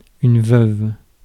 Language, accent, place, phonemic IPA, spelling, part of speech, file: French, France, Paris, /vœv/, veuve, noun / adjective, Fr-veuve.ogg
- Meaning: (noun) widow; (adjective) feminine singular of veuf